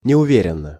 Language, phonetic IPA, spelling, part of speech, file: Russian, [nʲɪʊˈvʲerʲɪn(ː)ə], неуверенно, adverb, Ru-неуверенно.ogg
- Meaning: timidly, uncertainly, hesitantly